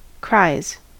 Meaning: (verb) third-person singular simple present indicative of cry; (noun) plural of cry
- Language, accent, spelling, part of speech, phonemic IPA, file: English, US, cries, verb / noun, /kɹaɪ̯z/, En-us-cries.ogg